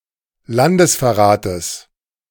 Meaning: genitive of Landesverrat
- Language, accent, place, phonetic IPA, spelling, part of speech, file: German, Germany, Berlin, [ˈlandəsfɛɐ̯ˌʁaːtəs], Landesverrates, noun, De-Landesverrates.ogg